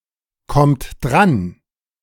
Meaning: inflection of drankommen: 1. third-person singular present 2. second-person plural present 3. plural imperative
- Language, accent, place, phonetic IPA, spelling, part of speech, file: German, Germany, Berlin, [ˌkɔmt ˈdʁan], kommt dran, verb, De-kommt dran.ogg